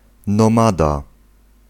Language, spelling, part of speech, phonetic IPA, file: Polish, nomada, noun, [nɔ̃ˈmada], Pl-nomada.ogg